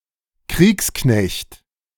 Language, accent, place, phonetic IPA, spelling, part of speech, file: German, Germany, Berlin, [ˈkʁiːksˌknɛçt], Kriegsknecht, noun, De-Kriegsknecht.ogg
- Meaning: soldier